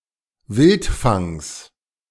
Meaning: genitive singular of Wildfang
- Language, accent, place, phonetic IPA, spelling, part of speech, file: German, Germany, Berlin, [ˈvɪltˌfaŋs], Wildfangs, noun, De-Wildfangs.ogg